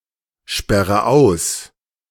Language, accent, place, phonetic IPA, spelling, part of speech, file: German, Germany, Berlin, [ˌʃpɛʁə ˈaʊ̯s], sperre aus, verb, De-sperre aus.ogg
- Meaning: inflection of aussperren: 1. first-person singular present 2. first/third-person singular subjunctive I 3. singular imperative